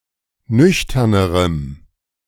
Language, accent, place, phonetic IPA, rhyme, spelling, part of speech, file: German, Germany, Berlin, [ˈnʏçtɐnəʁəm], -ʏçtɐnəʁəm, nüchternerem, adjective, De-nüchternerem.ogg
- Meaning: strong dative masculine/neuter singular comparative degree of nüchtern